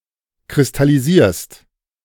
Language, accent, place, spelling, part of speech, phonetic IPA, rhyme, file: German, Germany, Berlin, kristallisierst, verb, [kʁɪstaliˈziːɐ̯st], -iːɐ̯st, De-kristallisierst.ogg
- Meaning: second-person singular present of kristallisieren